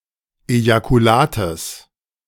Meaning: genitive singular of Ejakulat
- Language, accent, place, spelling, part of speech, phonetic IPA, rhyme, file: German, Germany, Berlin, Ejakulates, noun, [ˌejakuˈlaːtəs], -aːtəs, De-Ejakulates.ogg